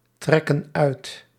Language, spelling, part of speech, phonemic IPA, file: Dutch, trekken uit, verb, /ˈtrɛkə(n) ˈœyt/, Nl-trekken uit.ogg
- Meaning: inflection of uittrekken: 1. plural present indicative 2. plural present subjunctive